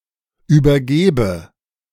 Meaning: inflection of übergeben: 1. first-person singular present 2. first/third-person singular subjunctive I
- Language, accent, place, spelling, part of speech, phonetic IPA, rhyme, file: German, Germany, Berlin, übergebe, verb, [yːbɐˈɡeːbə], -eːbə, De-übergebe.ogg